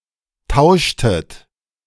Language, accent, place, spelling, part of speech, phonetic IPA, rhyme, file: German, Germany, Berlin, tauschtet, verb, [ˈtaʊ̯ʃtət], -aʊ̯ʃtət, De-tauschtet.ogg
- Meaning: inflection of tauschen: 1. second-person plural preterite 2. second-person plural subjunctive II